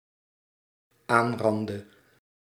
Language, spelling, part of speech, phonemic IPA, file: Dutch, aanrandde, verb, /ˈanrɑndə/, Nl-aanrandde.ogg
- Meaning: inflection of aanranden: 1. singular dependent-clause past indicative 2. singular dependent-clause past subjunctive